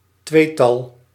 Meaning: pair, couple
- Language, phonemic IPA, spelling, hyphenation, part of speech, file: Dutch, /ˈtʋeː.tɑl/, tweetal, twee‧tal, noun, Nl-tweetal.ogg